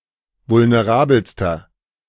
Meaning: inflection of vulnerabel: 1. strong/mixed nominative masculine singular superlative degree 2. strong genitive/dative feminine singular superlative degree 3. strong genitive plural superlative degree
- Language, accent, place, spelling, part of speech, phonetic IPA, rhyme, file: German, Germany, Berlin, vulnerabelster, adjective, [vʊlneˈʁaːbl̩stɐ], -aːbl̩stɐ, De-vulnerabelster.ogg